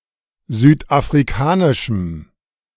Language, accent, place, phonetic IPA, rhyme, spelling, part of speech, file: German, Germany, Berlin, [ˌzyːtʔafʁiˈkaːnɪʃm̩], -aːnɪʃm̩, südafrikanischem, adjective, De-südafrikanischem.ogg
- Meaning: strong dative masculine/neuter singular of südafrikanisch